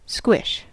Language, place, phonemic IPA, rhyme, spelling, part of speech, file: English, California, /skwɪʃ/, -ɪʃ, squish, verb / noun, En-us-squish.ogg
- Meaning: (verb) 1. To squeeze, compress, or crush (especially something moist) 2. To be compressed or squeezed 3. To make the sound of something being squeezed or crushed